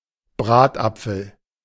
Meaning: baked apple
- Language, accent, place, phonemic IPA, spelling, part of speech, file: German, Germany, Berlin, /ˈbʁaːtˌapfəl/, Bratapfel, noun, De-Bratapfel.ogg